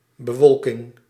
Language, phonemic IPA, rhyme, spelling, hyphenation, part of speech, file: Dutch, /bəˈʋɔl.kɪŋ/, -ɔlkɪŋ, bewolking, be‧wol‧king, noun, Nl-bewolking.ogg
- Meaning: cloud cover